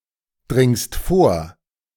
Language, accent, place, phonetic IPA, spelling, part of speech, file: German, Germany, Berlin, [ˌdʁɪŋst ˈfoːɐ̯], dringst vor, verb, De-dringst vor.ogg
- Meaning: second-person singular present of vordringen